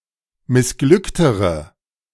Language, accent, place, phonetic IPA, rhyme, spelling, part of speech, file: German, Germany, Berlin, [mɪsˈɡlʏktəʁə], -ʏktəʁə, missglücktere, adjective, De-missglücktere.ogg
- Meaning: inflection of missglückt: 1. strong/mixed nominative/accusative feminine singular comparative degree 2. strong nominative/accusative plural comparative degree